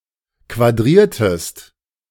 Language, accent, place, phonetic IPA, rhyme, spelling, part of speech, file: German, Germany, Berlin, [kvaˈdʁiːɐ̯təst], -iːɐ̯təst, quadriertest, verb, De-quadriertest.ogg
- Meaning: inflection of quadrieren: 1. second-person singular preterite 2. second-person singular subjunctive II